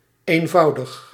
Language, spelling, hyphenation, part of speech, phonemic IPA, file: Dutch, eenvoudig, een‧vou‧dig, adjective, /ˌeːnˈvɑu̯.dəx/, Nl-eenvoudig.ogg
- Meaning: simple: 1. plain (not elaborate or embellished) 2. easy (not difficult) 3. simplex, unitary (not composite)